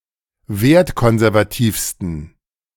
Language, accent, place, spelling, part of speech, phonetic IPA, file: German, Germany, Berlin, wertkonservativsten, adjective, [ˈveːɐ̯tˌkɔnzɛʁvaˌtiːfstn̩], De-wertkonservativsten.ogg
- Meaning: 1. superlative degree of wertkonservativ 2. inflection of wertkonservativ: strong genitive masculine/neuter singular superlative degree